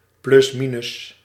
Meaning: plus or minus; about, roughly, approximately, circa
- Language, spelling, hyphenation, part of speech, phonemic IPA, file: Dutch, plusminus, plus‧mi‧nus, adverb, /plʏsˈminʏs/, Nl-plusminus.ogg